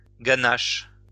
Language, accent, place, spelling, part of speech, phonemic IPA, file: French, France, Lyon, ganache, noun, /ɡa.naʃ/, LL-Q150 (fra)-ganache.wav
- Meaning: 1. jawbone 2. face 3. fool, numskull 4. ganache (sauce made of chocolate and cream) 5. The role of a stupid and gullible old man 6. Padded armchair